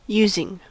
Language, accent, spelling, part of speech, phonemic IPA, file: English, US, using, verb / noun, /ˈju.zɪŋ/, En-us-using.ogg
- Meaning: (verb) present participle and gerund of use; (noun) use; utilization